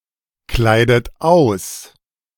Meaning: inflection of auskleiden: 1. third-person singular present 2. second-person plural present 3. second-person plural subjunctive I 4. plural imperative
- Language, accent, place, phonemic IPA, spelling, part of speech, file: German, Germany, Berlin, /ˌklaɪ̯dət ˈaʊ̯s/, kleidet aus, verb, De-kleidet aus.ogg